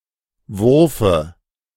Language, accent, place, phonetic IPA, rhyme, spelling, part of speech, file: German, Germany, Berlin, [ˈvʊʁfə], -ʊʁfə, Wurfe, noun, De-Wurfe.ogg
- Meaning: dative of Wurf